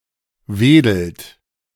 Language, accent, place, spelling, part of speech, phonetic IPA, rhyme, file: German, Germany, Berlin, wedelt, verb, [ˈveːdl̩t], -eːdl̩t, De-wedelt.ogg
- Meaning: inflection of wedeln: 1. third-person singular present 2. second-person plural present 3. plural imperative